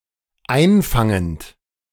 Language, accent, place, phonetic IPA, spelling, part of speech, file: German, Germany, Berlin, [ˈaɪ̯nˌfaŋənt], einfangend, verb, De-einfangend.ogg
- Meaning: present participle of einfangen